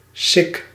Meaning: sic (thus)
- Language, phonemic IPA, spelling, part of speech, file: Dutch, /sɪk/, sic, adverb, Nl-sic.ogg